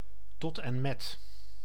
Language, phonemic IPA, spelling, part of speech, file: Dutch, /ˈtɔtɛ(n)ˌmɛt/, tot en met, preposition, Nl-tot en met.ogg
- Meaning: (preposition) up to and including; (adverb) completely